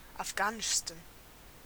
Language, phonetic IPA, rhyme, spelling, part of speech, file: German, [afˈɡaːnɪʃstn̩], -aːnɪʃstn̩, afghanischsten, adjective, De-afghanischsten.ogg
- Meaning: 1. superlative degree of afghanisch 2. inflection of afghanisch: strong genitive masculine/neuter singular superlative degree